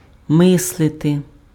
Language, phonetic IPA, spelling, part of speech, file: Ukrainian, [ˈmɪsɫete], мислити, verb, Uk-мислити.ogg
- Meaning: 1. to think 2. to imagine